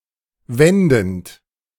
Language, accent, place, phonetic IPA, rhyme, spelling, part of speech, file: German, Germany, Berlin, [ˈvɛndn̩t], -ɛndn̩t, wendend, verb, De-wendend.ogg
- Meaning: present participle of wenden